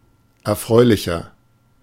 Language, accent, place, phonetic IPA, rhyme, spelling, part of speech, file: German, Germany, Berlin, [ɛɐ̯ˈfʁɔɪ̯lɪçɐ], -ɔɪ̯lɪçɐ, erfreulicher, adjective, De-erfreulicher.ogg
- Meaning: 1. comparative degree of erfreulich 2. inflection of erfreulich: strong/mixed nominative masculine singular 3. inflection of erfreulich: strong genitive/dative feminine singular